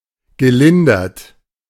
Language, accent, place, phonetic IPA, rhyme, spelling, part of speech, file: German, Germany, Berlin, [ɡəˈlɪndɐt], -ɪndɐt, gelindert, verb, De-gelindert.ogg
- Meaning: past participle of lindern